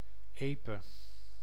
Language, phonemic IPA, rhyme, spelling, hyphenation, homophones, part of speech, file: Dutch, /ˈeː.pə/, -eːpə, Epe, Epe, Epen, proper noun, Nl-Epe.ogg
- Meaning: Epe (a village and municipality of Gelderland, Netherlands)